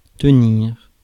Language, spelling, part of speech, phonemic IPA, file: French, tenir, verb, /tə.niʁ/, Fr-tenir.ogg
- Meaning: 1. to have; to hold 2. to keep 3. to stay; to hold 4. to hold on 5. to hold oneself, to be standing 6. to maintain, remain in a certain position or disposition 7. to behave